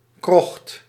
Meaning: 1. underground cavity, vile and dark subterranean location 2. bad, substandard housing; a shanty 3. underground vault beneath a church, used as a chapel or a crypt
- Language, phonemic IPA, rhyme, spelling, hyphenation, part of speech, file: Dutch, /krɔxt/, -ɔxt, krocht, krocht, noun, Nl-krocht.ogg